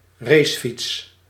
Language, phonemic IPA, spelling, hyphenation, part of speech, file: Dutch, /ˈreːs.fits/, racefiets, race‧fiets, noun, Nl-racefiets.ogg
- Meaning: a racing bicycle/road bike